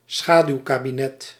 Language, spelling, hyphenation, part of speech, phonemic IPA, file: Dutch, schaduwkabinet, scha‧duw‧ka‧bi‧net, noun, /ˈsxaː.dyu̯.kaː.biˌnɛt/, Nl-schaduwkabinet.ogg
- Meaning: shadow cabinet